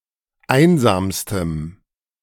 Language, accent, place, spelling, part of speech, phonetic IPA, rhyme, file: German, Germany, Berlin, einsamstem, adjective, [ˈaɪ̯nzaːmstəm], -aɪ̯nzaːmstəm, De-einsamstem.ogg
- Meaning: strong dative masculine/neuter singular superlative degree of einsam